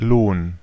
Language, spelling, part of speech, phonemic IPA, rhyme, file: German, Lohn, noun, /loːn/, -oːn, De-Lohn.ogg
- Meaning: 1. wage 2. reward